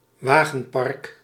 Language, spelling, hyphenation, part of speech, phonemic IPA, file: Dutch, wagenpark, wa‧gen‧park, noun, /ˈʋaː.ɣə(n)ˌpɑrk/, Nl-wagenpark.ogg
- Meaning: 1. carfleet 2. rolling stock